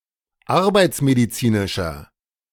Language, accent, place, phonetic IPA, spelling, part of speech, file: German, Germany, Berlin, [ˈaʁbaɪ̯t͡smediˌt͡siːnɪʃɐ], arbeitsmedizinischer, adjective, De-arbeitsmedizinischer.ogg
- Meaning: inflection of arbeitsmedizinisch: 1. strong/mixed nominative masculine singular 2. strong genitive/dative feminine singular 3. strong genitive plural